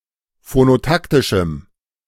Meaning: strong dative masculine/neuter singular of phonotaktisch
- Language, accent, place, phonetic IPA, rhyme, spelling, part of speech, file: German, Germany, Berlin, [fonoˈtaktɪʃm̩], -aktɪʃm̩, phonotaktischem, adjective, De-phonotaktischem.ogg